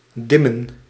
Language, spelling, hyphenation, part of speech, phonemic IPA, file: Dutch, dimmen, dim‧men, verb, /ˈdɪmə(n)/, Nl-dimmen.ogg
- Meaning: 1. to dim, to make darker (especially a light) 2. to tone down oneself, to pipe down, to be quiet